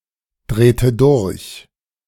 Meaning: inflection of durchdrehen: 1. first/third-person singular preterite 2. first/third-person singular subjunctive II
- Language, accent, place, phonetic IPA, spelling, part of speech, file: German, Germany, Berlin, [ˌdʁeːtə ˈdʊʁç], drehte durch, verb, De-drehte durch.ogg